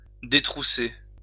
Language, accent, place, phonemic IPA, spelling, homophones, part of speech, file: French, France, Lyon, /de.tʁu.se/, détrousser, détroussai / détroussé / détroussée / détroussées / détroussés / détroussez, verb, LL-Q150 (fra)-détrousser.wav
- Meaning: to rob someone of what they are wearing or carrying; to mug